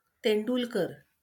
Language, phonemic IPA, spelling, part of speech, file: Marathi, /t̪eɳ.ɖul.kəɾ/, तेंडुलकर, proper noun, LL-Q1571 (mar)-तेंडुलकर.wav
- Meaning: a surname, equivalent to English Tendulkar